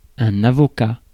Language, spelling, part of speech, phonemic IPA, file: French, avocat, noun, /a.vɔ.ka/, Fr-avocat.ogg
- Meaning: 1. lawyer, attorney 2. avocado